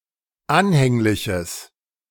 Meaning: strong/mixed nominative/accusative neuter singular of anhänglich
- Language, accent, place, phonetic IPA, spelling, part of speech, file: German, Germany, Berlin, [ˈanhɛŋlɪçəs], anhängliches, adjective, De-anhängliches.ogg